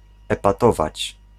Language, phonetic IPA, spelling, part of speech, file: Polish, [ˌɛpaˈtɔvat͡ɕ], epatować, verb, Pl-epatować.ogg